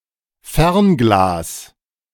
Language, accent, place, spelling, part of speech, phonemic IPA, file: German, Germany, Berlin, Fernglas, noun, /ˈfɛʁnˌɡlaːs/, De-Fernglas.ogg
- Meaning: small, hand-held telescope (including binoculars and monoculars)